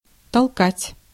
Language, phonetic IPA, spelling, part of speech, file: Russian, [tɐɫˈkatʲ], толкать, verb, Ru-толкать.ogg
- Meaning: 1. to push, to shove, to thrust 2. to incite, to instigate 3. to sell